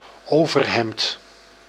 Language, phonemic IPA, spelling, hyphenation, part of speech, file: Dutch, /ˈoː.vərˌɦɛmt/, overhemd, over‧hemd, noun, Nl-overhemd.ogg
- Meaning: shirt